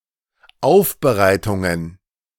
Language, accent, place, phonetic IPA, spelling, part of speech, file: German, Germany, Berlin, [ˈaʊ̯fbəˌʁaɪ̯tʊŋən], Aufbereitungen, noun, De-Aufbereitungen.ogg
- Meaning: plural of Aufbereitung